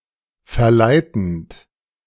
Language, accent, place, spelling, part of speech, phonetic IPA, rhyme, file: German, Germany, Berlin, verleitend, verb, [fɛɐ̯ˈlaɪ̯tn̩t], -aɪ̯tn̩t, De-verleitend.ogg
- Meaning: present participle of verleiten